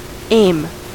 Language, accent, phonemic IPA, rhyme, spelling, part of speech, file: English, US, /eɪm/, -eɪm, aim, noun / verb, En-us-aim.ogg